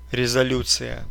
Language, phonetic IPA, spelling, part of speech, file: Russian, [rʲɪzɐˈlʲut͡sɨjə], резолюция, noun, Ru-резолю́ция.ogg
- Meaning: 1. resolution (of an assembly, etc) 2. instructions